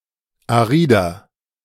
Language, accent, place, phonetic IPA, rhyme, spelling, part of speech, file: German, Germany, Berlin, [aˈʁiːdɐ], -iːdɐ, arider, adjective, De-arider.ogg
- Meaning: 1. comparative degree of arid 2. inflection of arid: strong/mixed nominative masculine singular 3. inflection of arid: strong genitive/dative feminine singular